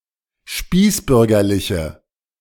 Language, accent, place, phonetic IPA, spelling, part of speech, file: German, Germany, Berlin, [ˈʃpiːsˌbʏʁɡɐlɪçə], spießbürgerliche, adjective, De-spießbürgerliche.ogg
- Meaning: inflection of spießbürgerlich: 1. strong/mixed nominative/accusative feminine singular 2. strong nominative/accusative plural 3. weak nominative all-gender singular